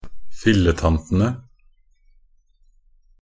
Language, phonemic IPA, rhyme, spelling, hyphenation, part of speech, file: Norwegian Bokmål, /fɪlːətantənə/, -ənə, filletantene, fil‧le‧tan‧te‧ne, noun, Nb-filletantene.ogg
- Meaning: definite plural of filletante